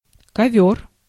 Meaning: rug, carpet
- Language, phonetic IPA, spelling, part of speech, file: Russian, [kɐˈvʲɵr], ковёр, noun, Ru-ковёр.ogg